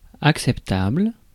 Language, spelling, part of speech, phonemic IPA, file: French, acceptable, adjective, /ak.sɛp.tabl/, Fr-acceptable.ogg
- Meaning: acceptable